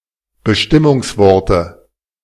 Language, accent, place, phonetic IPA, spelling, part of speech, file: German, Germany, Berlin, [bəˈʃtɪmʊŋsˌvɔʁtə], Bestimmungsworte, noun, De-Bestimmungsworte.ogg
- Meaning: dative singular of Bestimmungswort